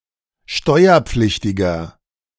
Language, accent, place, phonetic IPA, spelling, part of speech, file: German, Germany, Berlin, [ˈʃtɔɪ̯ɐˌp͡flɪçtɪɡɐ], steuerpflichtiger, adjective, De-steuerpflichtiger.ogg
- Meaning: inflection of steuerpflichtig: 1. strong/mixed nominative masculine singular 2. strong genitive/dative feminine singular 3. strong genitive plural